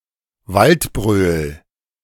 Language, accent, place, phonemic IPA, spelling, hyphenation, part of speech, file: German, Germany, Berlin, /valtˈbʁøːl/, Waldbröl, Wald‧bröl, proper noun, De-Waldbröl.ogg
- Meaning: a town in North Rhine-Westphalia, Germany